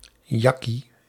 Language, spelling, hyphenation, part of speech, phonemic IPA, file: Dutch, jakkie, jak‧kie, interjection, /ˈjɑ.ki/, Nl-jakkie.ogg
- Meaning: Expression of disgust or revulsion: yuck, ew, bah